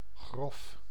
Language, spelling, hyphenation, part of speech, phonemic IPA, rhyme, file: Dutch, grof, grof, adjective, /ɣrɔf/, -ɔf, Nl-grof.ogg
- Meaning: 1. rough, coarse 2. rude, very blunt 3. extreme, gross, grave